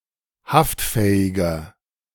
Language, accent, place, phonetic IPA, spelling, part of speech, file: German, Germany, Berlin, [ˈhaftˌfɛːɪɡɐ], haftfähiger, adjective, De-haftfähiger.ogg
- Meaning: inflection of haftfähig: 1. strong/mixed nominative masculine singular 2. strong genitive/dative feminine singular 3. strong genitive plural